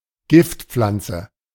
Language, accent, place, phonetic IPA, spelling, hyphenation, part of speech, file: German, Germany, Berlin, [ˈɡɪftˌp͡flant͡sə], Giftpflanze, Gift‧pflan‧ze, noun, De-Giftpflanze.ogg
- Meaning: poisonous plant